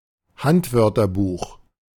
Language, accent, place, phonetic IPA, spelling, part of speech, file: German, Germany, Berlin, [ˈhantvœʁtɐˌbuːx], Handwörterbuch, noun, De-Handwörterbuch.ogg
- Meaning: “small” dictionary, concise dictionary